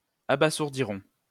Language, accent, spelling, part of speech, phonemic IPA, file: French, France, abasourdirons, verb, /a.ba.zuʁ.di.ʁɔ̃/, LL-Q150 (fra)-abasourdirons.wav
- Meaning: first-person plural simple future of abasourdir